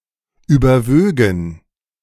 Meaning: first-person plural subjunctive II of überwiegen
- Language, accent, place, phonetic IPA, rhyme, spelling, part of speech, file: German, Germany, Berlin, [ˌyːbɐˈvøːɡn̩], -øːɡn̩, überwögen, verb, De-überwögen.ogg